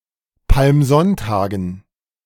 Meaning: dative plural of Palmsonntag
- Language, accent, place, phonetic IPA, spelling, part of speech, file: German, Germany, Berlin, [palmˈzɔntaːɡn̩], Palmsonntagen, noun, De-Palmsonntagen.ogg